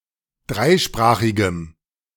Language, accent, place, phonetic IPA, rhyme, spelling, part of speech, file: German, Germany, Berlin, [ˈdʁaɪ̯ˌʃpʁaːxɪɡəm], -aɪ̯ʃpʁaːxɪɡəm, dreisprachigem, adjective, De-dreisprachigem.ogg
- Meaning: strong dative masculine/neuter singular of dreisprachig